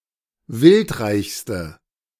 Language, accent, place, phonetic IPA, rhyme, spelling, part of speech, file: German, Germany, Berlin, [ˈvɪltˌʁaɪ̯çstə], -ɪltʁaɪ̯çstə, wildreichste, adjective, De-wildreichste.ogg
- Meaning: inflection of wildreich: 1. strong/mixed nominative/accusative feminine singular superlative degree 2. strong nominative/accusative plural superlative degree